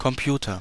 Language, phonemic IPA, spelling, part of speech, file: German, /kɔmˈpjuːtɐ/, Computer, noun, De-Computer.ogg
- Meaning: computer (programmable electronic device that performs mathematical calculations, logical operations, and usually also data retrieval/storage)